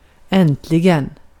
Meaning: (adverb) at last, finally; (interjection) finally! (Used to express sudden pleasure, joy, or great excitement in regard to an announcement or a message.)
- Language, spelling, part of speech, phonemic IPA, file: Swedish, äntligen, adverb / interjection, /ˈɛntˌlɪ(ɡ)ɛn/, Sv-äntligen.ogg